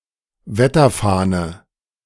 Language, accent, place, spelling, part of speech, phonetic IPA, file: German, Germany, Berlin, Wetterfahne, noun, [ˈvɛtɐˌfaːnə], De-Wetterfahne.ogg
- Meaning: weather vane, weathervane